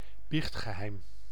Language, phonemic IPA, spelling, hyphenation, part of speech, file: Dutch, /ˈbixt.xəˌɦɛi̯m/, biechtgeheim, biecht‧ge‧heim, noun, Nl-biechtgeheim.ogg
- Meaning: 1. the principle of the secrecy of confession 2. a secret shared in confession